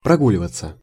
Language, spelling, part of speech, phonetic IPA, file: Russian, прогуливаться, verb, [prɐˈɡulʲɪvət͡sə], Ru-прогуливаться.ogg
- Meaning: 1. to take a walk/stroll, to promenade 2. to stroll, to saunter, to ramble 3. passive of прогу́ливать (progúlivatʹ)